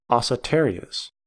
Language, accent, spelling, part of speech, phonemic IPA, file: English, US, acetarious, adjective, /ɑ.sɪˈtɛɚ.i.əs/, En-us-acetarious.ogg
- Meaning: Used in salads or as salad